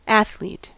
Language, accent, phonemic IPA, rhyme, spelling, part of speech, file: English, US, /ˈæθ.lit/, -æθliːt, athlete, noun, En-us-athlete.ogg
- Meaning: A participant in any of a group of sporting activities including track and field, road running, cross country running and racewalking